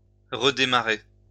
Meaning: to restart; to reboot
- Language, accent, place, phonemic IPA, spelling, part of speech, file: French, France, Lyon, /ʁə.de.ma.ʁe/, redémarrer, verb, LL-Q150 (fra)-redémarrer.wav